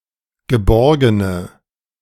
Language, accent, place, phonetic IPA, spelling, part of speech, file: German, Germany, Berlin, [ɡəˈbɔʁɡənə], geborgene, adjective, De-geborgene.ogg
- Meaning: inflection of geborgen: 1. strong/mixed nominative/accusative feminine singular 2. strong nominative/accusative plural 3. weak nominative all-gender singular